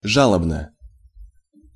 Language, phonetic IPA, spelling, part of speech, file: Russian, [ˈʐaɫəbnə], жалобно, adverb / adjective, Ru-жалобно.ogg
- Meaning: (adverb) plaintively, dolefully, sorrowfully; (adjective) short neuter singular of жа́лобный (žálobnyj)